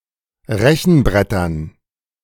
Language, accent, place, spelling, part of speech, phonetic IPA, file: German, Germany, Berlin, Rechenbrettern, noun, [ˈʁɛçn̩ˌbʁɛtɐn], De-Rechenbrettern.ogg
- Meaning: dative plural of Rechenbrett